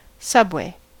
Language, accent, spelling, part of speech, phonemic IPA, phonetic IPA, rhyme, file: English, US, subway, noun / verb, /ˈsʌbˌweɪ/, [ˈsʌbˌweɪ̯], -ʌbweɪ, En-us-subway.ogg
- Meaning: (noun) 1. An underground railway, especially for mass transit of people in urban areas 2. A train that runs on such an underground railway